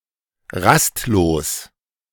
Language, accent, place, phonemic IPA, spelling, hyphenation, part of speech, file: German, Germany, Berlin, /ˈʁastloːs/, rastlos, rast‧los, adjective, De-rastlos.ogg
- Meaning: restless